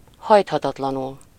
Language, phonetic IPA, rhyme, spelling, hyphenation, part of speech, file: Hungarian, [ˈhɒjthɒtɒtlɒnul], -ul, hajthatatlanul, hajt‧ha‧tat‧la‧nul, adverb, Hu-hajthatatlanul.ogg
- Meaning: adamantly